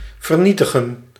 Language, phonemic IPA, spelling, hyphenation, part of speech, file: Dutch, /vərˈni.tə.ɣə(n)/, vernietigen, ver‧nie‧ti‧gen, verb, Nl-vernietigen.ogg
- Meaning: to destroy